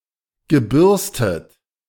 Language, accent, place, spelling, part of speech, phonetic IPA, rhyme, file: German, Germany, Berlin, gebürstet, adjective / verb, [ɡəˈbʏʁstət], -ʏʁstət, De-gebürstet.ogg
- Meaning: past participle of bürsten